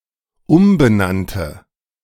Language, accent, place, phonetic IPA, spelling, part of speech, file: German, Germany, Berlin, [ˈʊmbəˌnantə], umbenannte, adjective, De-umbenannte.ogg
- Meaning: first/third-person singular dependent preterite of umbenennen